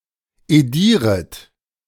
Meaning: second-person plural subjunctive I of edieren
- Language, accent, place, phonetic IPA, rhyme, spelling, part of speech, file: German, Germany, Berlin, [eˈdiːʁət], -iːʁət, edieret, verb, De-edieret.ogg